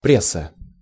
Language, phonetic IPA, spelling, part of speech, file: Russian, [ˈprʲes(ː)ə], пресса, noun, Ru-пресса.ogg
- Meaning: 1. press 2. genitive singular of пресс (press)